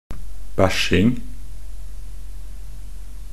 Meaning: the act of pooping or shitting
- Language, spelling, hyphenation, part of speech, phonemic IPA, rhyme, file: Norwegian Bokmål, bæsjing, bæsj‧ing, noun, /ˈbæʃɪŋ/, -ɪŋ, Nb-bæsjing.ogg